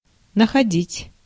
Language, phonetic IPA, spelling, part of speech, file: Russian, [nəxɐˈdʲitʲ], находить, verb, Ru-находить.ogg
- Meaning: 1. to find 2. to think, to consider 3. to come across 4. to happen to have